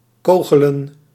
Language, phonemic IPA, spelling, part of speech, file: Dutch, /ˈkoːɣələ(n)/, kogelen, verb, Nl-kogelen.ogg
- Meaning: to throw hard